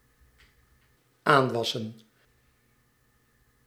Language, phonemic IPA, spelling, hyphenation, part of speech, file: Dutch, /ˈaːnˌʋɑ.sə(n)/, aanwassen, aan‧was‧sen, verb, Nl-aanwassen.ogg
- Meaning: 1. to wax, to grow, to increase (to undergo growth) 2. to grow back, to regrow 3. to befall, to happen to, to be acquired